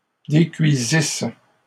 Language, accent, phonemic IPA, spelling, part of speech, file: French, Canada, /de.kɥi.zis/, décuisisse, verb, LL-Q150 (fra)-décuisisse.wav
- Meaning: first-person singular imperfect subjunctive of décuire